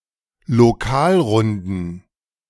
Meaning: plural of Lokalrunde
- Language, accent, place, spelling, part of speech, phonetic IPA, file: German, Germany, Berlin, Lokalrunden, noun, [loˈkaːlˌʁʊndn̩], De-Lokalrunden.ogg